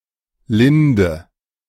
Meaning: linden, lime tree (Tilia gen. et spp.)
- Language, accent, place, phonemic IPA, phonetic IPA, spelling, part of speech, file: German, Germany, Berlin, /ˈlɪndə/, [ˈlɪndə], Linde, noun, De-Linde.ogg